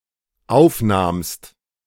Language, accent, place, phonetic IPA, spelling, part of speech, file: German, Germany, Berlin, [ˈaʊ̯fˌnaːmst], aufnahmst, verb, De-aufnahmst.ogg
- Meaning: second-person singular dependent preterite of aufnehmen